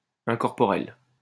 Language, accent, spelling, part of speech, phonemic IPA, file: French, France, incorporel, adjective, /ɛ̃.kɔʁ.pɔ.ʁɛl/, LL-Q150 (fra)-incorporel.wav
- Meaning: 1. incorporeal, insubstantial 2. intangible